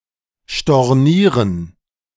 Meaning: to cancel, to reverse (a financial or business transaction)
- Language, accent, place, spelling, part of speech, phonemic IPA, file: German, Germany, Berlin, stornieren, verb, /ʃtɔʁˈniːʁən/, De-stornieren.ogg